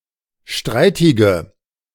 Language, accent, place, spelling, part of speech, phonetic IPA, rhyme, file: German, Germany, Berlin, streitige, adjective, [ˈʃtʁaɪ̯tɪɡə], -aɪ̯tɪɡə, De-streitige.ogg
- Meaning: inflection of streitig: 1. strong/mixed nominative/accusative feminine singular 2. strong nominative/accusative plural 3. weak nominative all-gender singular